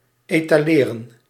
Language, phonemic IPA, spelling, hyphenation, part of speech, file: Dutch, /ˌeːtaːˈleːrə(n)/, etaleren, eta‧le‧ren, verb, Nl-etaleren.ogg
- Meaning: to display, to exhibit, to showcase